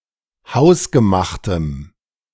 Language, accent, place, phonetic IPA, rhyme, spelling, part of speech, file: German, Germany, Berlin, [ˈhaʊ̯sɡəˌmaxtəm], -aʊ̯sɡəmaxtəm, hausgemachtem, adjective, De-hausgemachtem.ogg
- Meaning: strong dative masculine/neuter singular of hausgemacht